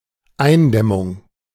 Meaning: 1. containment 2. holding back
- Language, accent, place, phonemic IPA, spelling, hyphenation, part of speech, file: German, Germany, Berlin, /ˈaɪ̯nˌdɛmʊŋ/, Eindämmung, Ein‧däm‧mung, noun, De-Eindämmung.ogg